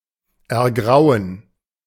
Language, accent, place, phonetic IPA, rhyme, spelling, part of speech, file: German, Germany, Berlin, [ɛɐ̯ˈɡʁaʊ̯ən], -aʊ̯ən, ergrauen, verb, De-ergrauen.ogg
- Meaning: to grey (to become grey)